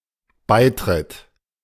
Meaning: the joining, entry into, becoming a member of (a club, organization, etc.)
- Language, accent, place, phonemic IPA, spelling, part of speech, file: German, Germany, Berlin, /ˈbaɪ̯ˌtʁɪt/, Beitritt, noun, De-Beitritt.ogg